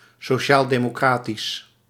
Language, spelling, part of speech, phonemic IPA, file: Dutch, sociaaldemocratisch, adjective, /soːˌʃaːl.deː.moːˈkraː.tis/, Nl-sociaaldemocratisch.ogg
- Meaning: social democratic